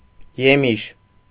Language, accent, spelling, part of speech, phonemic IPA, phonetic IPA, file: Armenian, Eastern Armenian, եմիշ, noun, /jeˈmiʃ/, [jemíʃ], Hy-եմիշ.ogg
- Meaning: 1. melon (Cucumis melo) 2. fruit